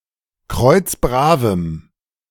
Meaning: strong dative masculine/neuter singular of kreuzbrav
- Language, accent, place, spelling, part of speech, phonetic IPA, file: German, Germany, Berlin, kreuzbravem, adjective, [ˈkʁɔɪ̯t͡sˈbʁaːvəm], De-kreuzbravem.ogg